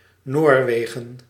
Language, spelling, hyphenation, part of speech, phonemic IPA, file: Dutch, Noorwegen, Noor‧we‧gen, proper noun, /ˈnoːrˌʋeː.ɣə(n)/, Nl-Noorwegen.ogg
- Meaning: Norway (a country in Scandinavia in Northern Europe)